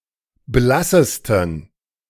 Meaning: 1. superlative degree of blass 2. inflection of blass: strong genitive masculine/neuter singular superlative degree
- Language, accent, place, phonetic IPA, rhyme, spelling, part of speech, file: German, Germany, Berlin, [ˈblasəstn̩], -asəstn̩, blassesten, adjective, De-blassesten.ogg